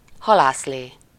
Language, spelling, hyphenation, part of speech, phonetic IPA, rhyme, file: Hungarian, halászlé, ha‧lász‧lé, noun, [ˈhɒlaːsleː], -leː, Hu-halászlé.ogg
- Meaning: fisherman’s soup, a Hungarian hot fish soup with paprika and onion